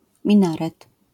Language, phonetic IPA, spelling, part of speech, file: Polish, [mʲĩˈnarɛt], minaret, noun, LL-Q809 (pol)-minaret.wav